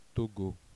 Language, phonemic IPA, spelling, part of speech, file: French, /to.ɡo/, Togo, proper noun, Fr-Togo.ogg
- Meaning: Togo (a country in West Africa)